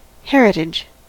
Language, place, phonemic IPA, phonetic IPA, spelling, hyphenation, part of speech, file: English, California, /ˈhɛɹ.ə.tɪd͡ʒ/, [ˈhɛɹ.ə.ɾɪd͡ʒ], heritage, her‧i‧tage, noun, En-us-heritage.ogg
- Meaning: 1. An inheritance; property that may be inherited 2. A tradition; a practice or set of values that is passed down from preceding generations through families or through institutional memory